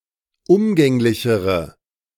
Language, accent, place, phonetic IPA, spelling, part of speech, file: German, Germany, Berlin, [ˈʊmɡɛŋlɪçəʁə], umgänglichere, adjective, De-umgänglichere.ogg
- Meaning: inflection of umgänglich: 1. strong/mixed nominative/accusative feminine singular comparative degree 2. strong nominative/accusative plural comparative degree